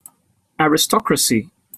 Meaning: 1. The nobility, or the hereditary ruling class 2. Government by such a class, or a state with such a government 3. A class of people considered (not normally universally) superior to others
- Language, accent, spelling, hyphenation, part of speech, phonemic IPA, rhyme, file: English, UK, aristocracy, a‧ris‧to‧cra‧cy, noun, /ˌæɹ.ɪˈstɒk.ɹə.si/, -ɒkɹəsi, En-uk-aristocracy.opus